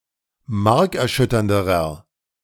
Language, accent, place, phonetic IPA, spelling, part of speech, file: German, Germany, Berlin, [ˈmaʁkɛɐ̯ˌʃʏtɐndəʁɐ], markerschütternderer, adjective, De-markerschütternderer.ogg
- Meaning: inflection of markerschütternd: 1. strong/mixed nominative masculine singular comparative degree 2. strong genitive/dative feminine singular comparative degree